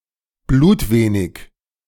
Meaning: very little
- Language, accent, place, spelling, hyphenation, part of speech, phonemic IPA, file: German, Germany, Berlin, blutwenig, blut‧we‧nig, adjective, /ˈbluːtˌveːnɪç/, De-blutwenig2.ogg